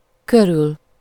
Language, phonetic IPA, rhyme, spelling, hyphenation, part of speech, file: Hungarian, [ˈkøryl], -yl, körül, kö‧rül, postposition, Hu-körül.ogg
- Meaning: 1. around, near (in space) 2. about, around (in estimations)